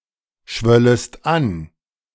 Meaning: second-person singular subjunctive I of anschwellen
- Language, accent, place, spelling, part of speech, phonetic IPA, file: German, Germany, Berlin, schwöllest an, verb, [ˌʃvœləst ˈan], De-schwöllest an.ogg